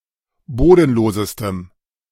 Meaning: strong dative masculine/neuter singular superlative degree of bodenlos
- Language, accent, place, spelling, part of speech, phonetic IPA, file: German, Germany, Berlin, bodenlosestem, adjective, [ˈboːdn̩ˌloːzəstəm], De-bodenlosestem.ogg